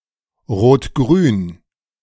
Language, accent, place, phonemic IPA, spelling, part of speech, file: German, Germany, Berlin, /ˈʁoːtˈɡʁyːn/, rot-grün, adjective, De-rot-grün.ogg
- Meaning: red-green, of a coalition between the SPD (a large social democratic party in Germany) and Bündnis 90/Die Grünen (the largest environmental party in Germany)